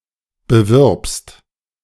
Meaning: second-person singular present of bewerben
- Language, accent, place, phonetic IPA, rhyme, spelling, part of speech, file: German, Germany, Berlin, [bəˈvɪʁpst], -ɪʁpst, bewirbst, verb, De-bewirbst.ogg